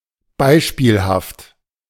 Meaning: 1. exemplary (of such high quality that it makes for an excellent example of a concept) 2. exemplary (intended to serve as a arbitrary example)
- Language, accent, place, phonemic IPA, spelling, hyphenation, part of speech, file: German, Germany, Berlin, /ˈbaɪ̯ʃpiːlhaft/, beispielhaft, bei‧spiel‧haft, adjective, De-beispielhaft.ogg